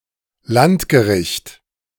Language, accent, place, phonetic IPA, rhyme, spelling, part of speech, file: German, Germany, Berlin, [ˈlantɡəˌʁɪçt], -antɡəʁɪçt, Landgericht, noun, De-Landgericht.ogg
- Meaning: district court